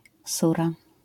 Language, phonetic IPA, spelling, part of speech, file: Polish, [ˈsura], sura, noun, LL-Q809 (pol)-sura.wav